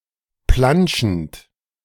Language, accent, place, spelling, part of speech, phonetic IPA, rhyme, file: German, Germany, Berlin, planschend, verb, [ˈplanʃn̩t], -anʃn̩t, De-planschend.ogg
- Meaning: present participle of planschen